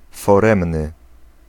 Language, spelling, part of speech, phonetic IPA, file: Polish, foremny, adjective, [fɔˈrɛ̃mnɨ], Pl-foremny.ogg